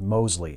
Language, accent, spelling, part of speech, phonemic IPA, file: English, US, Mosley, proper noun, /ˈmoʊzli/, En-us-Mosley.ogg
- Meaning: A habitational surname